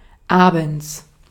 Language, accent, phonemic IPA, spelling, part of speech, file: German, Austria, /ˈaːbən(t)s/, abends, adverb, De-at-abends.ogg
- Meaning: 1. in the evening, at night, see Abend; 2. p.m., indicating that a time is in the evening or early night. a.m./p.m. have no direct equivalents in German; the appropriate time of day is used instead